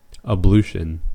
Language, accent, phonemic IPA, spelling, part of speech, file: English, US, /əˈblu.ʃn̩/, ablution, noun, En-us-ablution.ogg